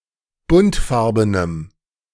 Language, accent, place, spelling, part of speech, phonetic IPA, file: German, Germany, Berlin, buntfarbenem, adjective, [ˈbʊntˌfaʁbənəm], De-buntfarbenem.ogg
- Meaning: strong dative masculine/neuter singular of buntfarben